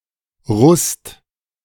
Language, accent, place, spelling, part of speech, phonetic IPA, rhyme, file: German, Germany, Berlin, Rust, proper noun, [ʁʊst], -ʊst, De-Rust.ogg
- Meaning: 1. a surname 2. a municipality of Burgenland, Austria 3. a municipality of Baden-Württemberg, Germany